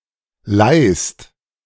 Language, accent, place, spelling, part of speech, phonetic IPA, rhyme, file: German, Germany, Berlin, leihst, verb, [laɪ̯st], -aɪ̯st, De-leihst.ogg
- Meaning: second-person singular present of leihen